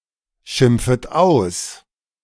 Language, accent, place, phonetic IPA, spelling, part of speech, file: German, Germany, Berlin, [ˌʃɪmp͡fət ˈaʊ̯s], schimpfet aus, verb, De-schimpfet aus.ogg
- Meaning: second-person plural subjunctive I of ausschimpfen